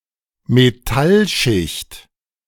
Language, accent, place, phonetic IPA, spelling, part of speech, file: German, Germany, Berlin, [meˈtalˌʃɪçt], Metallschicht, noun, De-Metallschicht.ogg
- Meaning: metallic layer